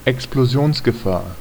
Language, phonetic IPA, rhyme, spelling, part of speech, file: German, [ɛksploˈzi̯oːnsɡəˌfaːɐ̯], -oːnsɡəfaːɐ̯, Explosionsgefahr, noun, De-Explosionsgefahr.ogg
- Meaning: danger of explosion